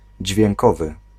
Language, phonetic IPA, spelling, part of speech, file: Polish, [d͡ʑvʲjɛ̃ŋˈkɔvɨ], dźwiękowy, adjective, Pl-dźwiękowy.ogg